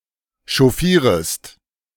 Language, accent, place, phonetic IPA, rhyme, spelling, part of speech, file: German, Germany, Berlin, [ʃɔˈfiːʁəst], -iːʁəst, chauffierest, verb, De-chauffierest.ogg
- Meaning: second-person singular subjunctive I of chauffieren